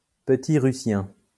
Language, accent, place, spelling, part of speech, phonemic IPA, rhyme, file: French, France, Lyon, petit-russien, adjective, /pə.ti.ʁy.sjɛ̃/, -ɛ̃, LL-Q150 (fra)-petit-russien.wav
- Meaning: Little Russian